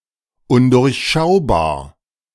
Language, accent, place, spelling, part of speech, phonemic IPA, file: German, Germany, Berlin, undurchschaubar, adjective, /ʊndʊʁçˌʃaʊ̯baːɐ̯/, De-undurchschaubar.ogg
- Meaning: inscrutable, impenetrable, unfathomable